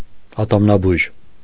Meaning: dentist
- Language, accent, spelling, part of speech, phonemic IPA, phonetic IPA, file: Armenian, Eastern Armenian, ատամնաբույժ, noun, /ɑtɑmnɑˈbujʒ/, [ɑtɑmnɑbújʒ], Hy-ատամնաբույժ.ogg